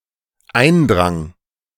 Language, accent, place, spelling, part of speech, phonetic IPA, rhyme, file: German, Germany, Berlin, eindrang, verb, [ˈaɪ̯nˌdʁaŋ], -aɪ̯ndʁaŋ, De-eindrang.ogg
- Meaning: first/third-person singular dependent preterite of eindringen